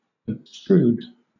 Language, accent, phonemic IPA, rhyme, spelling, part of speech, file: English, Southern England, /əbˈstɹuːd/, -uːd, abstrude, verb, LL-Q1860 (eng)-abstrude.wav
- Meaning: To thrust away